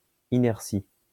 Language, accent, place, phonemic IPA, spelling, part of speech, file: French, France, Lyon, /i.nɛʁ.si/, inertie, noun, LL-Q150 (fra)-inertie.wav
- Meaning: 1. inertia 2. lack of dynamism or forcefulness